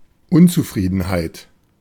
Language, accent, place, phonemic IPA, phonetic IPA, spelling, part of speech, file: German, Germany, Berlin, /ˈʔʊnt͡suˌfʁiːdənhaɪ̯t/, [ˈʔʊnt͡suˌfʁiːdn̩haɪ̯t], Unzufriedenheit, noun, De-Unzufriedenheit.ogg
- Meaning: discontent, dissatisfaction, unhappiness